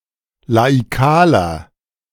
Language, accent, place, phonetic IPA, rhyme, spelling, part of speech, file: German, Germany, Berlin, [laiˈkaːlɐ], -aːlɐ, laikaler, adjective, De-laikaler.ogg
- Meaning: inflection of laikal: 1. strong/mixed nominative masculine singular 2. strong genitive/dative feminine singular 3. strong genitive plural